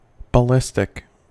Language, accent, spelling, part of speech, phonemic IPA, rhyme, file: English, US, ballistic, adjective, /bəˈlɪs.tɪk/, -ɪstɪk, En-us-ballistic.ogg
- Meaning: 1. Of or relating to ballistics 2. Of or relating to projectiles moving under their own momentum, aerodynamic drag, gravity, and sometimes rocket power, without significant lift 3. Very angry